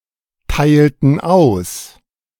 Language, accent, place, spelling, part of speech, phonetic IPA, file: German, Germany, Berlin, teilten aus, verb, [ˌtaɪ̯ltn̩ ˈaʊ̯s], De-teilten aus.ogg
- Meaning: inflection of austeilen: 1. first/third-person plural preterite 2. first/third-person plural subjunctive II